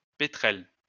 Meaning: petrel (bird)
- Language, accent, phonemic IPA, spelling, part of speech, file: French, France, /pe.tʁɛl/, pétrel, noun, LL-Q150 (fra)-pétrel.wav